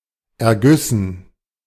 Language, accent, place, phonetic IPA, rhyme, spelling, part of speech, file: German, Germany, Berlin, [ɛɐ̯ˈɡʏsn̩], -ʏsn̩, Ergüssen, noun, De-Ergüssen.ogg
- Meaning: dative plural of Erguss